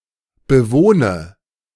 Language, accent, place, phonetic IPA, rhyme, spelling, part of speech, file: German, Germany, Berlin, [bəˈvoːnə], -oːnə, bewohne, verb, De-bewohne.ogg
- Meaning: inflection of bewohnen: 1. first-person singular present 2. first/third-person singular subjunctive I 3. singular imperative